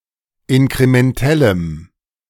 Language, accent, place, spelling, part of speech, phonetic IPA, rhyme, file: German, Germany, Berlin, inkrementellem, adjective, [ɪnkʁemɛnˈtɛləm], -ɛləm, De-inkrementellem.ogg
- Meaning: strong dative masculine/neuter singular of inkrementell